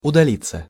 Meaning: 1. to move away, to retreat, to withdraw, to retire 2. passive of удали́ть (udalítʹ)
- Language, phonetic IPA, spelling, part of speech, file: Russian, [ʊdɐˈlʲit͡sːə], удалиться, verb, Ru-удалиться.ogg